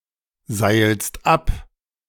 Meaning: second-person singular present of abseilen
- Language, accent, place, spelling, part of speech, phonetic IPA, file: German, Germany, Berlin, seilst ab, verb, [ˌzaɪ̯lst ˈap], De-seilst ab.ogg